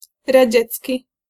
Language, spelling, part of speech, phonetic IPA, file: Polish, radziecki, adjective, [raˈd͡ʑɛt͡sʲci], Pl-radziecki.ogg